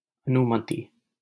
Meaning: permission, authorization, consent
- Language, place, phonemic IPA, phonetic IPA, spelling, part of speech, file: Hindi, Delhi, /ə.nʊ.mə.t̪iː/, [ɐ.nʊ.mɐ.t̪iː], अनुमति, noun, LL-Q1568 (hin)-अनुमति.wav